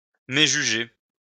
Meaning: to misjudge
- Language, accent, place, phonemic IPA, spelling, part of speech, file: French, France, Lyon, /me.ʒy.ʒe/, méjuger, verb, LL-Q150 (fra)-méjuger.wav